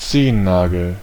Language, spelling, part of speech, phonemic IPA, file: German, Zehennagel, noun, /ˈtseːənˌnaːɡəl/, De-Zehennagel.ogg
- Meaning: toenail